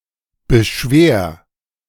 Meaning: 1. singular imperative of beschweren 2. first-person singular present of beschweren
- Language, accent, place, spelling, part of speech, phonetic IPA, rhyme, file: German, Germany, Berlin, beschwer, verb, [bəˈʃveːɐ̯], -eːɐ̯, De-beschwer.ogg